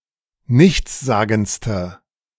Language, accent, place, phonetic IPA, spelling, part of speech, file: German, Germany, Berlin, [ˈnɪçt͡sˌzaːɡn̩t͡stə], nichtssagendste, adjective, De-nichtssagendste.ogg
- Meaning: inflection of nichtssagend: 1. strong/mixed nominative/accusative feminine singular superlative degree 2. strong nominative/accusative plural superlative degree